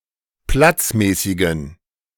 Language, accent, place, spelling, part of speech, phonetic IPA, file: German, Germany, Berlin, platzmäßigen, adjective, [ˈplat͡sˌmɛːsɪɡn̩], De-platzmäßigen.ogg
- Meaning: inflection of platzmäßig: 1. strong genitive masculine/neuter singular 2. weak/mixed genitive/dative all-gender singular 3. strong/weak/mixed accusative masculine singular 4. strong dative plural